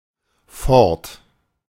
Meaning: 1. away 2. gone 3. going on, continuing
- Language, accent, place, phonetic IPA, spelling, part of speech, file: German, Germany, Berlin, [fɔɐ̯t], fort, adverb, De-fort.ogg